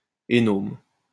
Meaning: alternative form of énorme (“enormous”)
- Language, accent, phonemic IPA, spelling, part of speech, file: French, France, /e.nɔʁm/, hénaurme, adjective, LL-Q150 (fra)-hénaurme.wav